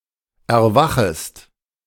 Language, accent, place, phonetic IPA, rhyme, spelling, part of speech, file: German, Germany, Berlin, [ɛɐ̯ˈvaxəst], -axəst, erwachest, verb, De-erwachest.ogg
- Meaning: second-person singular subjunctive I of erwachen